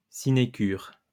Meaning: sinecure
- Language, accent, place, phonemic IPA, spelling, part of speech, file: French, France, Lyon, /si.ne.kyʁ/, sinécure, noun, LL-Q150 (fra)-sinécure.wav